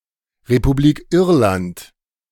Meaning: Republic of Ireland (long form of Ireland: an island country in northwestern Europe)
- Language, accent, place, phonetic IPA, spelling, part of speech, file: German, Germany, Berlin, [ʁepuˌbliːk ˈɪʁlant], Republik Irland, phrase, De-Republik Irland.ogg